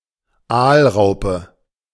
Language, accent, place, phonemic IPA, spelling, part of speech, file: German, Germany, Berlin, /ˈaːlˌʁaʊ̯pə/, Aalraupe, noun, De-Aalraupe.ogg
- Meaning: burbot (Lota lota)